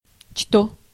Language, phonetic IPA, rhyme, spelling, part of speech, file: Russian, [ʂto], -o, что, conjunction / pronoun, Ru-что.ogg
- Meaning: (conjunction) 1. that 2. both … and; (pronoun) 1. what 2. that, which